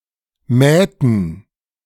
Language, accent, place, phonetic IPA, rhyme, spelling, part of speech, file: German, Germany, Berlin, [ˈmɛːtn̩], -ɛːtn̩, mähten, verb, De-mähten.ogg
- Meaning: inflection of mähen: 1. first/third-person plural preterite 2. first/third-person plural subjunctive II